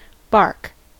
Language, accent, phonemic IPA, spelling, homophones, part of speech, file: English, US, /bɑɹk/, bark, barque, verb / noun / interjection, En-us-bark.ogg
- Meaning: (verb) 1. To make a short, loud, explosive noise with the vocal organs (said of animals, especially dogs) 2. To make a clamor; to make importunate outcries 3. To speak sharply